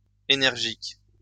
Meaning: plural of énergique
- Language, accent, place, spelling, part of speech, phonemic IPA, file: French, France, Lyon, énergiques, adjective, /e.nɛʁ.ʒik/, LL-Q150 (fra)-énergiques.wav